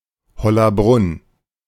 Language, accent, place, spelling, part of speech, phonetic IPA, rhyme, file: German, Germany, Berlin, Hollabrunn, proper noun, [hɔlaˈbʁʊn], -ʊn, De-Hollabrunn.ogg
- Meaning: a municipality of Lower Austria, Austria